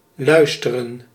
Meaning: 1. to listen 2. to listen, to obey, comply with
- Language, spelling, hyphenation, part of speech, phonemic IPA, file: Dutch, luisteren, luis‧te‧ren, verb, /ˈlœy̯stərə(n)/, Nl-luisteren.ogg